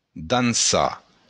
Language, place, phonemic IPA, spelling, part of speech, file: Occitan, Béarn, /danˈsa/, dançar, verb, LL-Q14185 (oci)-dançar.wav
- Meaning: to dance